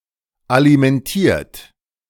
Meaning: 1. past participle of alimentieren 2. inflection of alimentieren: second-person plural present 3. inflection of alimentieren: third-person singular present
- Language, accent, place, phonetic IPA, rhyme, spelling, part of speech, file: German, Germany, Berlin, [alimɛnˈtiːɐ̯t], -iːɐ̯t, alimentiert, verb, De-alimentiert.ogg